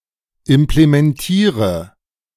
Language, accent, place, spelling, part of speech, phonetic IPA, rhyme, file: German, Germany, Berlin, implementiere, verb, [ɪmplemɛnˈtiːʁə], -iːʁə, De-implementiere.ogg
- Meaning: inflection of implementieren: 1. first-person singular present 2. first/third-person singular subjunctive I 3. singular imperative